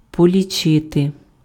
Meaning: to count (enumerate or determine number of)
- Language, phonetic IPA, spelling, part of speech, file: Ukrainian, [pɔlʲiˈt͡ʃɪte], полічити, verb, Uk-полічити.ogg